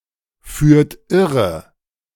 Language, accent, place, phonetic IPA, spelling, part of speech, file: German, Germany, Berlin, [ˌfyːɐ̯t ˈɪʁə], führt irre, verb, De-führt irre.ogg
- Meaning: inflection of irreführen: 1. second-person plural present 2. third-person singular present 3. plural imperative